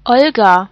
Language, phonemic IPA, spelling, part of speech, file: German, /ˈɔlɡa/, Olga, proper noun, De-Olga.ogg
- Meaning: a female given name from Russian